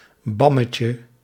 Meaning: sandwich
- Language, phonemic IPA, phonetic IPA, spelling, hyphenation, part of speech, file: Dutch, /ˈbɑmətjə/, [ˈbɑ.mə.cə], bammetje, bam‧me‧tje, noun, Nl-bammetje.ogg